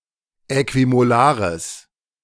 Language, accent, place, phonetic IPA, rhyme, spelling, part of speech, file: German, Germany, Berlin, [ˌɛkvimoˈlaːʁəs], -aːʁəs, äquimolares, adjective, De-äquimolares.ogg
- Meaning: strong/mixed nominative/accusative neuter singular of äquimolar